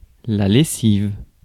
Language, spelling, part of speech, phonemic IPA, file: French, lessive, noun, /le.siv/, Fr-lessive.ogg
- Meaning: 1. lye, alkaline solution; detergent 2. laundry